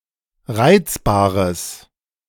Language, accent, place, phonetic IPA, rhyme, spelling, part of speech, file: German, Germany, Berlin, [ˈʁaɪ̯t͡sbaːʁəs], -aɪ̯t͡sbaːʁəs, reizbares, adjective, De-reizbares.ogg
- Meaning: strong/mixed nominative/accusative neuter singular of reizbar